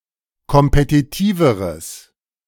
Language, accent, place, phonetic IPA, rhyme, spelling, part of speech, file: German, Germany, Berlin, [kɔmpetiˈtiːvəʁəs], -iːvəʁəs, kompetitiveres, adjective, De-kompetitiveres.ogg
- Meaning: strong/mixed nominative/accusative neuter singular comparative degree of kompetitiv